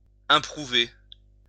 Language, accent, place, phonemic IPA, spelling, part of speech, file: French, France, Lyon, /ɛ̃.pʁu.ve/, improuver, verb, LL-Q150 (fra)-improuver.wav
- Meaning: 1. to disapprove 2. to blame 3. to improve